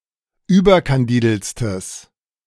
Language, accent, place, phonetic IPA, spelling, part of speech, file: German, Germany, Berlin, [ˈyːbɐkanˌdiːdl̩t͡stəs], überkandideltstes, adjective, De-überkandideltstes.ogg
- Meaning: strong/mixed nominative/accusative neuter singular superlative degree of überkandidelt